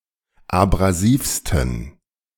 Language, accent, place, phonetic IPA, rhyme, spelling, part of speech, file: German, Germany, Berlin, [abʁaˈziːfstn̩], -iːfstn̩, abrasivsten, adjective, De-abrasivsten.ogg
- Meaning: 1. superlative degree of abrasiv 2. inflection of abrasiv: strong genitive masculine/neuter singular superlative degree